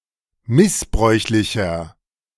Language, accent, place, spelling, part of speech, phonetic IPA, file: German, Germany, Berlin, missbräuchlicher, adjective, [ˈmɪsˌbʁɔɪ̯çlɪçɐ], De-missbräuchlicher.ogg
- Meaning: inflection of missbräuchlich: 1. strong/mixed nominative masculine singular 2. strong genitive/dative feminine singular 3. strong genitive plural